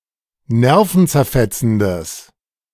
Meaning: strong/mixed nominative/accusative neuter singular of nervenzerfetzend
- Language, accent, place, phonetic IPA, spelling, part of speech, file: German, Germany, Berlin, [ˈnɛʁfn̩t͡sɛɐ̯ˌfɛt͡sn̩dəs], nervenzerfetzendes, adjective, De-nervenzerfetzendes.ogg